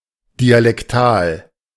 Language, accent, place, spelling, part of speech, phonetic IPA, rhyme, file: German, Germany, Berlin, dialektal, adjective, [dialɛkˈtaːl], -aːl, De-dialektal.ogg
- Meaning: dialectal